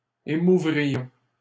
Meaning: first-person plural conditional of émouvoir
- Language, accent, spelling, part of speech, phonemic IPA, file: French, Canada, émouvrions, verb, /e.mu.vʁi.jɔ̃/, LL-Q150 (fra)-émouvrions.wav